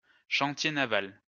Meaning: dockyard, shipyard
- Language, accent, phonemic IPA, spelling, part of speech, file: French, France, /ʃɑ̃.tje na.val/, chantier naval, noun, LL-Q150 (fra)-chantier naval.wav